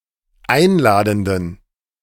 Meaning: inflection of einladend: 1. strong genitive masculine/neuter singular 2. weak/mixed genitive/dative all-gender singular 3. strong/weak/mixed accusative masculine singular 4. strong dative plural
- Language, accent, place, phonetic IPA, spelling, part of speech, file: German, Germany, Berlin, [ˈaɪ̯nˌlaːdn̩dən], einladenden, adjective, De-einladenden.ogg